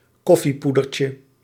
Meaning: diminutive of koffiepoeder
- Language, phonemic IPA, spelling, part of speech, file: Dutch, /ˈkɔfiˌpudərcə/, koffiepoedertje, noun, Nl-koffiepoedertje.ogg